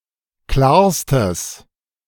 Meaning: strong/mixed nominative/accusative neuter singular superlative degree of klar
- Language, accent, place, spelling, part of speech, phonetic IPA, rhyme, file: German, Germany, Berlin, klarstes, adjective, [ˈklaːɐ̯stəs], -aːɐ̯stəs, De-klarstes.ogg